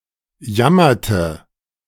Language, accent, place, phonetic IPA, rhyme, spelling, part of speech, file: German, Germany, Berlin, [ˈjamɐtə], -amɐtə, jammerte, verb, De-jammerte.ogg
- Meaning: inflection of jammern: 1. first/third-person singular preterite 2. first/third-person singular subjunctive II